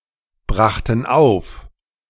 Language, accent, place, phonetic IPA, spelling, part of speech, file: German, Germany, Berlin, [ˌbʁaxtn̩ ˈaʊ̯f], brachten auf, verb, De-brachten auf.ogg
- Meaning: first/third-person plural preterite of aufbringen